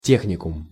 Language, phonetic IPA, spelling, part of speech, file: Russian, [ˈtʲexnʲɪkʊm], техникум, noun, Ru-техникум.ogg
- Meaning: technical college, technical school, vocational school, technicum (institution of [further education] at an intermediate level)